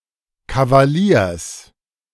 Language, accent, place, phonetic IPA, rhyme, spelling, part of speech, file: German, Germany, Berlin, [kavaˈliːɐ̯s], -iːɐ̯s, Kavaliers, noun, De-Kavaliers.ogg
- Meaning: genitive singular of Kavalier